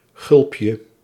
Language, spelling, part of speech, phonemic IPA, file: Dutch, gulpje, noun, /ˈɣʏlᵊpjə/, Nl-gulpje.ogg
- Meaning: diminutive of gulp